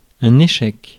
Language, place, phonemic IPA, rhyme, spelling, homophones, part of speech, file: French, Paris, /e.ʃɛk/, -ɛk, échec, échecs, noun / interjection, Fr-échec.ogg
- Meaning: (noun) 1. failure 2. check